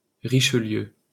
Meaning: 1. a French commune, in the Indre-et-Loire departement 2. a surname
- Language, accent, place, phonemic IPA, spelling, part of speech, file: French, France, Paris, /ʁi.ʃə.ljø/, Richelieu, proper noun, LL-Q150 (fra)-Richelieu.wav